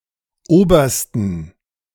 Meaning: plural of Oberst
- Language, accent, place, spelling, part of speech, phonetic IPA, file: German, Germany, Berlin, Obersten, noun, [ˈoːbɐstn̩], De-Obersten.ogg